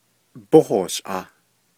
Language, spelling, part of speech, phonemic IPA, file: Navajo, bóhooshʼaah, verb, /póhòːʃʔɑ̀ːh/, Nv-bóhooshʼaah.ogg
- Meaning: first-person singular imperfective of yíhoołʼaah